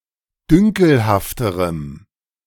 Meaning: strong dative masculine/neuter singular comparative degree of dünkelhaft
- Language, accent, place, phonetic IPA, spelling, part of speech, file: German, Germany, Berlin, [ˈdʏŋkl̩haftəʁəm], dünkelhafterem, adjective, De-dünkelhafterem.ogg